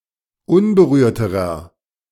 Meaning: inflection of unberührt: 1. strong/mixed nominative masculine singular comparative degree 2. strong genitive/dative feminine singular comparative degree 3. strong genitive plural comparative degree
- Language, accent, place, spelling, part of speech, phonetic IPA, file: German, Germany, Berlin, unberührterer, adjective, [ˈʊnbəˌʁyːɐ̯təʁɐ], De-unberührterer.ogg